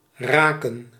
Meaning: 1. to touch 2. to hit (to not miss) 3. to become 4. to rake
- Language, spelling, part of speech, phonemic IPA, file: Dutch, raken, verb, /ˈraːkə(n)/, Nl-raken.ogg